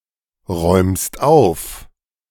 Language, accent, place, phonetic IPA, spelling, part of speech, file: German, Germany, Berlin, [ˌʁɔɪ̯mst ˈaʊ̯f], räumst auf, verb, De-räumst auf.ogg
- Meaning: second-person singular present of aufräumen